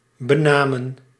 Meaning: 1. to name, to bestow a name on 2. inflection of benemen: plural past indicative 3. inflection of benemen: plural past subjunctive
- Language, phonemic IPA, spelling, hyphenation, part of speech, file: Dutch, /bəˈnaː.mə(n)/, benamen, be‧na‧men, verb, Nl-benamen.ogg